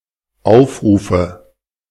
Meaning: nominative/accusative/genitive plural of Aufruf
- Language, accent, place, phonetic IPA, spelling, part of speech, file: German, Germany, Berlin, [ˈaʊ̯fˌʁuːfə], Aufrufe, noun, De-Aufrufe.ogg